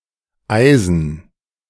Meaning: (verb) to freeze; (adjective) of iron
- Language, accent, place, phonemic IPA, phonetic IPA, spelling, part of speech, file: German, Germany, Berlin, /ˈaɪ̯zən/, [ˈʔaɪ̯zn̩], eisen, verb / adjective, De-eisen.ogg